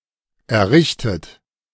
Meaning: 1. past participle of errichten 2. inflection of errichten: third-person singular present 3. inflection of errichten: second-person plural present
- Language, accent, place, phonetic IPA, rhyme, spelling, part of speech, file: German, Germany, Berlin, [ɛɐ̯ˈʁɪçtət], -ɪçtət, errichtet, verb, De-errichtet.ogg